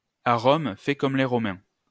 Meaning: when in Rome, do as the Romans do
- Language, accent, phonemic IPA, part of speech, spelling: French, France, /a ʁɔm | fɛ kɔm le ʁɔ.mɛ̃/, proverb, à Rome, fais comme les Romains